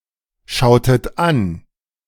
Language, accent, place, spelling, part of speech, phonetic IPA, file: German, Germany, Berlin, schautet an, verb, [ˌʃaʊ̯tət ˈan], De-schautet an.ogg
- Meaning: inflection of anschauen: 1. second-person plural preterite 2. second-person plural subjunctive II